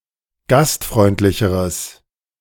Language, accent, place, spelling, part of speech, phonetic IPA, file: German, Germany, Berlin, gastfreundlicheres, adjective, [ˈɡastˌfʁɔɪ̯ntlɪçəʁəs], De-gastfreundlicheres.ogg
- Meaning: strong/mixed nominative/accusative neuter singular comparative degree of gastfreundlich